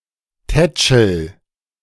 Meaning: inflection of tätscheln: 1. first-person singular present 2. singular imperative
- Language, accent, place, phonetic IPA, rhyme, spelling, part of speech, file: German, Germany, Berlin, [ˈtɛt͡ʃl̩], -ɛt͡ʃl̩, tätschel, verb, De-tätschel.ogg